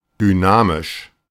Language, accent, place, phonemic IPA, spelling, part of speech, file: German, Germany, Berlin, /ˌdʏˈnaː.mɪʃ/, dynamisch, adjective, De-dynamisch.ogg
- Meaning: dynamic